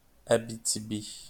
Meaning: 1. Abitibi 2. a regional county municipality of Abitibi-Témiscamingue, Quebec, Canada
- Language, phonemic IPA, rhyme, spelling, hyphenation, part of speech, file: French, /a.bi.ti.bi/, -i, Abitibi, A‧bi‧ti‧bi, proper noun, LL-Q150 (fra)-Abitibi.wav